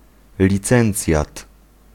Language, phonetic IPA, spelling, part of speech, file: Polish, [lʲiˈt͡sɛ̃nt͡sʲjat], licencjat, noun, Pl-licencjat.ogg